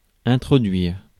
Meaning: 1. to introduce 2. to insert, to put in
- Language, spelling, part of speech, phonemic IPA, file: French, introduire, verb, /ɛ̃.tʁɔ.dɥiʁ/, Fr-introduire.ogg